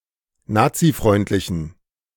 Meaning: inflection of nazifreundlich: 1. strong genitive masculine/neuter singular 2. weak/mixed genitive/dative all-gender singular 3. strong/weak/mixed accusative masculine singular 4. strong dative plural
- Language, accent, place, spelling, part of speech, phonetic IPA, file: German, Germany, Berlin, nazifreundlichen, adjective, [ˈnaːt͡siˌfʁɔɪ̯ntlɪçn̩], De-nazifreundlichen.ogg